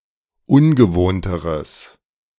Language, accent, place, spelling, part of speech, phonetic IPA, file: German, Germany, Berlin, ungewohnteres, adjective, [ˈʊnɡəˌvoːntəʁəs], De-ungewohnteres.ogg
- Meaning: strong/mixed nominative/accusative neuter singular comparative degree of ungewohnt